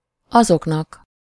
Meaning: dative plural of az
- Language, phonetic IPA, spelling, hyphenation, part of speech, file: Hungarian, [ˈɒzoknɒk], azoknak, azok‧nak, pronoun, Hu-azoknak.ogg